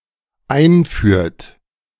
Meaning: inflection of einführen: 1. third-person singular dependent present 2. second-person plural dependent present
- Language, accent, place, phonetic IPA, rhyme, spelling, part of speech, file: German, Germany, Berlin, [ˈaɪ̯nˌfyːɐ̯t], -aɪ̯nfyːɐ̯t, einführt, verb, De-einführt.ogg